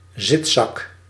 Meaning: beanbag (furniture)
- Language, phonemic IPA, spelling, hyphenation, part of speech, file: Dutch, /ˈzɪt.sɑk/, zitzak, zit‧zak, noun, Nl-zitzak.ogg